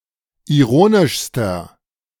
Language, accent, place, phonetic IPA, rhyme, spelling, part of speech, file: German, Germany, Berlin, [iˈʁoːnɪʃstɐ], -oːnɪʃstɐ, ironischster, adjective, De-ironischster.ogg
- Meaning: inflection of ironisch: 1. strong/mixed nominative masculine singular superlative degree 2. strong genitive/dative feminine singular superlative degree 3. strong genitive plural superlative degree